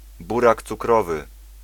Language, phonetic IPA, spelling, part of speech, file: Polish, [ˈburak t͡suˈkrɔvɨ], burak cukrowy, noun, Pl-burak cukrowy.ogg